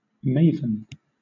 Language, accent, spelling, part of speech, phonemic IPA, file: English, Southern England, maven, noun, /ˈmeɪvn̩/, LL-Q1860 (eng)-maven.wav
- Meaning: An expert in a given field; also, a person who is interested in and knowledgeable about a particular activity or thing; an aficionado